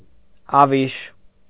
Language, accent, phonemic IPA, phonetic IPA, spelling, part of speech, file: Armenian, Eastern Armenian, /ɑˈviʃ/, [ɑvíʃ], ավիշ, noun, Hy-ավիշ.ogg
- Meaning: lymph